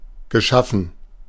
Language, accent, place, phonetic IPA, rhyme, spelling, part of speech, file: German, Germany, Berlin, [ɡəˈʃafn̩], -afn̩, geschaffen, adjective / verb, De-geschaffen.ogg
- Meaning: past participle of schaffen